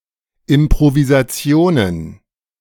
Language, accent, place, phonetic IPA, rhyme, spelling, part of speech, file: German, Germany, Berlin, [ɪmpʁovizaˈt͡si̯oːnən], -oːnən, Improvisationen, noun, De-Improvisationen.ogg
- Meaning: plural of Improvisation